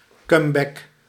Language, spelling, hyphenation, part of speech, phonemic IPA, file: Dutch, comeback, come‧back, noun, /ˈkɑm.bɛk/, Nl-comeback.ogg
- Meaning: comeback